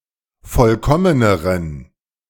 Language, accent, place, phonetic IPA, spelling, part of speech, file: German, Germany, Berlin, [ˈfɔlkɔmənəʁən], vollkommeneren, adjective, De-vollkommeneren.ogg
- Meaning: inflection of vollkommen: 1. strong genitive masculine/neuter singular comparative degree 2. weak/mixed genitive/dative all-gender singular comparative degree